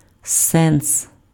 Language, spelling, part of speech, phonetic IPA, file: Ukrainian, сенс, noun, [sɛns], Uk-сенс.ogg
- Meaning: 1. meaning, sense 2. expediency, usefulness 3. aim, purpose